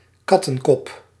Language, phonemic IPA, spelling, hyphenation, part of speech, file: Dutch, /ˈkɑtə(ŋ)kɔp/, kattenkop, kat‧ten‧kop, noun, Nl-kattenkop.ogg
- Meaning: 1. a cat's head 2. a one-piece power outlet splitter 3. a bitchy woman